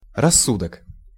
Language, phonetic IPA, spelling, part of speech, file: Russian, [rɐˈsːudək], рассудок, noun, Ru-рассудок.ogg
- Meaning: 1. reason, sense, senses 2. judgment, mind